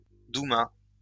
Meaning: duma
- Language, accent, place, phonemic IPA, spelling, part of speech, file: French, France, Lyon, /du.ma/, douma, noun, LL-Q150 (fra)-douma.wav